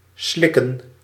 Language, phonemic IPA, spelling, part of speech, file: Dutch, /ˈslɪkə(n)/, slikken, verb / noun, Nl-slikken.ogg
- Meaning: to swallow